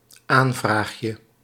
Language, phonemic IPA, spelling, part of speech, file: Dutch, /ˈaɱvraxjə/, aanvraagje, noun, Nl-aanvraagje.ogg
- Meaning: diminutive of aanvraag